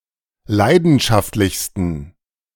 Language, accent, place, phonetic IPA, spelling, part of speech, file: German, Germany, Berlin, [ˈlaɪ̯dn̩ʃaftlɪçstn̩], leidenschaftlichsten, adjective, De-leidenschaftlichsten.ogg
- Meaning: 1. superlative degree of leidenschaftlich 2. inflection of leidenschaftlich: strong genitive masculine/neuter singular superlative degree